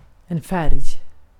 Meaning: 1. colour; the spectral composition of visible light 2. colour; perceived or named class of colours (1) 3. colour; human skin tone 4. colour; colour television 5. colour; property of quarks 6. colour
- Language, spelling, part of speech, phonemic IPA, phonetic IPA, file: Swedish, färg, noun, /fɛrj/, [ˈfærːj], Sv-färg.ogg